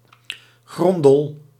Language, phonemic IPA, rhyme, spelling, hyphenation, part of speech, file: Dutch, /ˈɣrɔn.dəl/, -ɔndəl, grondel, gron‧del, noun, Nl-grondel.ogg
- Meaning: goby, fish of the family Gobiidae